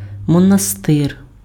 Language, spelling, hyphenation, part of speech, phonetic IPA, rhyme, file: Ukrainian, монастир, мо‧на‧стир, noun, [mɔnɐˈstɪr], -ɪr, Uk-монастир.ogg
- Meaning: 1. monastery, friary 2. convent, nunnery 3. cloister